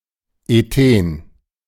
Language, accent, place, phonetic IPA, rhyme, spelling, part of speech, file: German, Germany, Berlin, [eˈteːn], -eːn, Ethen, noun, De-Ethen.ogg
- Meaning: ethene, ethylene